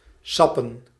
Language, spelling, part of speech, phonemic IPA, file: Dutch, sappen, noun, /ˈsɑpə(n)/, Nl-sappen.ogg
- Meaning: plural of sap